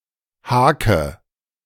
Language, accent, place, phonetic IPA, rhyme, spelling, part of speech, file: German, Germany, Berlin, [ˈhaːkə], -aːkə, hake, verb, De-hake.ogg
- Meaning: inflection of haken: 1. first-person singular present 2. first/third-person singular subjunctive I 3. singular imperative